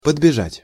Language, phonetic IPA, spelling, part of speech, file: Russian, [pədbʲɪˈʐatʲ], подбежать, verb, Ru-подбежать.ogg
- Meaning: to run up, to come running up to